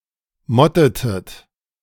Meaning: inflection of motten: 1. second-person plural preterite 2. second-person plural subjunctive II
- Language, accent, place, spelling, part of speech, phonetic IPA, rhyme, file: German, Germany, Berlin, mottetet, verb, [ˈmɔtətət], -ɔtətət, De-mottetet.ogg